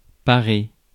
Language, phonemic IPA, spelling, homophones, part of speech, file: French, /pa.ʁe/, parer, parai / paré / parée / parées / parés / parez, verb, Fr-parer.ogg
- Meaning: 1. to adorn; to bedeck 2. to fend off 3. to parry 4. to get dressed up (in one's finest clothes)